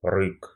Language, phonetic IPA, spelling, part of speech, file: Russian, [rɨk], рык, noun, Ru-рык.ogg
- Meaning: roar